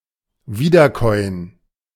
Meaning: 1. to ruminate, chew the cud 2. to recapitulate in a boring way, to repeat old ideas and slogans, to study something without original thinking; to regurgitate
- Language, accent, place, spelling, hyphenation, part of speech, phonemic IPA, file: German, Germany, Berlin, wiederkäuen, wie‧der‧käu‧en, verb, /ˈviːdərˌkɔʏ̯ən/, De-wiederkäuen.ogg